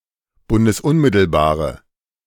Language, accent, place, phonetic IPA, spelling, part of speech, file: German, Germany, Berlin, [ˌbʊndəsˈʊnmɪtl̩baːʁə], bundesunmittelbare, adjective, De-bundesunmittelbare.ogg
- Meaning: inflection of bundesunmittelbar: 1. strong/mixed nominative/accusative feminine singular 2. strong nominative/accusative plural 3. weak nominative all-gender singular